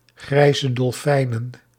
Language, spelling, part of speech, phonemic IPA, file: Dutch, grijze dolfijnen, noun, /ˈɣrɛizədɔlˌfɛinə(n)/, Nl-grijze dolfijnen.ogg
- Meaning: plural of grijze dolfijn